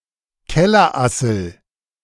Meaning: 1. woodlouse, pill bug 2. rough woodlouse (Porcellio scaber)
- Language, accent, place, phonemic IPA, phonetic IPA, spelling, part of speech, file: German, Germany, Berlin, /ˈkɛlərˌasəl/, [ˈkɛ.lɐˌʔa.sl̩], Kellerassel, noun, De-Kellerassel.ogg